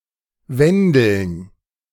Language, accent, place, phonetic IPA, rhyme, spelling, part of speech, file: German, Germany, Berlin, [ˈvɛndl̩n], -ɛndl̩n, Wendeln, noun, De-Wendeln.ogg
- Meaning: plural of Wendel